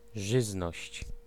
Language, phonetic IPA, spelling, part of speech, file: Polish, [ˈʒɨznɔɕt͡ɕ], żyzność, noun, Pl-żyzność.ogg